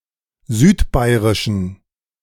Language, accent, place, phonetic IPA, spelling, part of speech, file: German, Germany, Berlin, [ˈzyːtˌbaɪ̯ʁɪʃn̩], südbairischen, adjective, De-südbairischen.ogg
- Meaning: inflection of südbairisch: 1. strong genitive masculine/neuter singular 2. weak/mixed genitive/dative all-gender singular 3. strong/weak/mixed accusative masculine singular 4. strong dative plural